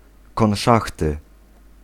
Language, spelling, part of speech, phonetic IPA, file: Polish, konszachty, noun, [kɔ̃w̃ˈʃaxtɨ], Pl-konszachty.ogg